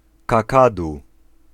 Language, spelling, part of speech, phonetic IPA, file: Polish, kakadu, noun, [kaˈkadu], Pl-kakadu.ogg